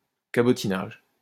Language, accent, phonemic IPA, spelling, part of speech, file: French, France, /ka.bɔ.ti.naʒ/, cabotinage, noun, LL-Q150 (fra)-cabotinage.wav
- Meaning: affectedness